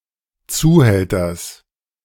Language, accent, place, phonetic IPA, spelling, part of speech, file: German, Germany, Berlin, [ˈt͡suːˌhɛltɐs], Zuhälters, noun, De-Zuhälters.ogg
- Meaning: genitive singular of Zuhälter